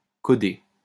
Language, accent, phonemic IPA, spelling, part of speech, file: French, France, /kɔ.de/, coder, verb, LL-Q150 (fra)-coder.wav
- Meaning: to code; to encode